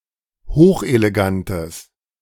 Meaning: strong/mixed nominative/accusative neuter singular of hochelegant
- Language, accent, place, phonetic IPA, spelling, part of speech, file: German, Germany, Berlin, [ˈhoːxʔeleˌɡantəs], hochelegantes, adjective, De-hochelegantes.ogg